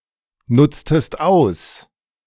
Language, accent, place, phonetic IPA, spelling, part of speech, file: German, Germany, Berlin, [ˌnʊt͡stəst ˈaʊ̯s], nutztest aus, verb, De-nutztest aus.ogg
- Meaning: inflection of ausnutzen: 1. second-person singular preterite 2. second-person singular subjunctive II